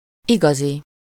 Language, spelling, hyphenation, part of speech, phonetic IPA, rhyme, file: Hungarian, igazi, iga‧zi, adjective / noun, [ˈiɡɒzi], -zi, Hu-igazi.ogg
- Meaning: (adjective) real, true, genuine, authentic; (noun) Mister Right or Miss Right, the right man or woman